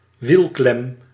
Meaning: a wheel clamp
- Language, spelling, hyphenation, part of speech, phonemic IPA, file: Dutch, wielklem, wiel‧klem, noun, /ˈʋil.klɛm/, Nl-wielklem.ogg